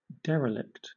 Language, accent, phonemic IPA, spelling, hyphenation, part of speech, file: English, Southern England, /ˈdɛr.ə.lɪkt/, derelict, de‧re‧lict, adjective / noun / verb, LL-Q1860 (eng)-derelict.wav
- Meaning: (adjective) 1. Given up by the guardian or owner; abandoned, forsaken 2. Given up by the guardian or owner; abandoned, forsaken.: Of a ship: abandoned at sea; of a spacecraft: abandoned in outer space